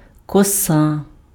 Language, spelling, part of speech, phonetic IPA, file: Ukrainian, коса, noun, [kɔˈsa], Uk-коса.ogg
- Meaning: 1. A standard, three-strand hair braid 2. scythe 3. spleen, pancreas 4. tendon